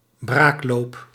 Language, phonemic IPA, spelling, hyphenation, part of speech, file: Dutch, /ˈbraːk.loːp/, braakloop, braak‧loop, noun, Nl-braakloop.ogg
- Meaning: disease involving emesis as a symptom, used of cholera